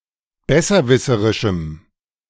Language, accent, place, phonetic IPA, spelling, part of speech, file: German, Germany, Berlin, [ˈbɛsɐˌvɪsəʁɪʃm̩], besserwisserischem, adjective, De-besserwisserischem.ogg
- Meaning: strong dative masculine/neuter singular of besserwisserisch